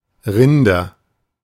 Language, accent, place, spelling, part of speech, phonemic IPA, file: German, Germany, Berlin, Rinder, noun, /ˈʁɪndɐ/, De-Rinder.ogg
- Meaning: 1. nominative plural of Rind 2. accusative plural of Rind 3. genitive plural of Rind